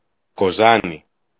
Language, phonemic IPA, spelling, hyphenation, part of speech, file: Greek, /koˈzani/, Κοζάνη, Κο‧ζά‧νη, proper noun, El-Κοζάνη.ogg
- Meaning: Kozani (a city in Greece)